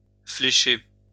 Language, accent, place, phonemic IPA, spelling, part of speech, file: French, France, Lyon, /fle.ʃe/, flécher, verb, LL-Q150 (fra)-flécher.wav
- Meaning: to mark with arrows